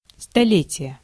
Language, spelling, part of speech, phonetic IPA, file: Russian, столетие, noun, [stɐˈlʲetʲɪje], Ru-столетие.ogg
- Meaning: 1. century, hundred-year period 2. centenary, hundredth anniversary, hundredth birthday